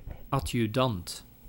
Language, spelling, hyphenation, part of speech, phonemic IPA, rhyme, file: Dutch, adjudant, ad‧ju‧dant, noun, /ˌɑ.djyˈdɑnt/, -ɑnt, Nl-adjudant.ogg
- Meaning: 1. adjutant 2. assistant